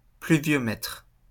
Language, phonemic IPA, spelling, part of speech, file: French, /ply.vjɔ.mɛtʁ/, pluviomètre, noun, LL-Q150 (fra)-pluviomètre.wav
- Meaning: rain gauge, pluviometer